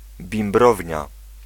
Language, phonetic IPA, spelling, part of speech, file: Polish, [bʲĩmˈbrɔvʲɲa], bimbrownia, noun, Pl-bimbrownia.ogg